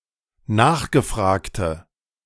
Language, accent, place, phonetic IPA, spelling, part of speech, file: German, Germany, Berlin, [ˈnaːxɡəˌfʁaːktə], nachgefragte, adjective, De-nachgefragte.ogg
- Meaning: inflection of nachgefragt: 1. strong/mixed nominative/accusative feminine singular 2. strong nominative/accusative plural 3. weak nominative all-gender singular